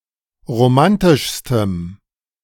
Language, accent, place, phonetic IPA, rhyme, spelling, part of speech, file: German, Germany, Berlin, [ʁoˈmantɪʃstəm], -antɪʃstəm, romantischstem, adjective, De-romantischstem.ogg
- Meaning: strong dative masculine/neuter singular superlative degree of romantisch